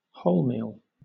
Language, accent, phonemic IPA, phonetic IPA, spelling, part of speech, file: English, Southern England, /ˈhoʊlmiːl/, [ˈhɔʊɫmiəɫ], wholemeal, adjective / noun, LL-Q1860 (eng)-wholemeal.wav
- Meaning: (adjective) 1. Containing or made from the whole grain, including the bran 2. Containing or made from the whole grain, including the bran.: Whole-wheat